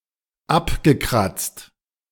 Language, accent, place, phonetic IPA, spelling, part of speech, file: German, Germany, Berlin, [ˈapɡəˌkʁat͡st], abgekratzt, verb, De-abgekratzt.ogg
- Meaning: past participle of abkratzen